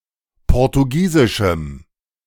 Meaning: strong dative masculine/neuter singular of portugiesisch
- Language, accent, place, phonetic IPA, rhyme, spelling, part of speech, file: German, Germany, Berlin, [ˌpɔʁtuˈɡiːzɪʃm̩], -iːzɪʃm̩, portugiesischem, adjective, De-portugiesischem.ogg